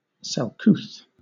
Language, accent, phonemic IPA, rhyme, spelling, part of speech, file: English, Southern England, /sɛlˈkuːθ/, -uːθ, selcouth, adjective, LL-Q1860 (eng)-selcouth.wav
- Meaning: Strange, unusual, rare; unfamiliar; marvellous, wondrous